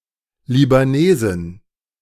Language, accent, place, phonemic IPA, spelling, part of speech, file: German, Germany, Berlin, /libaˈneːzɪn/, Libanesin, noun, De-Libanesin.ogg
- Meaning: Lebanese (A female person from Lebanon)